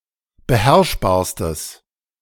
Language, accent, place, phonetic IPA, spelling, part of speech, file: German, Germany, Berlin, [bəˈhɛʁʃbaːɐ̯stəs], beherrschbarstes, adjective, De-beherrschbarstes.ogg
- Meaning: strong/mixed nominative/accusative neuter singular superlative degree of beherrschbar